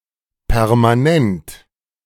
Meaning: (adjective) permanent; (adverb) permanently, incessantly
- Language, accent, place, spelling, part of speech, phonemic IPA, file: German, Germany, Berlin, permanent, adjective / adverb, /pɛʁmaˈnɛnt/, De-permanent.ogg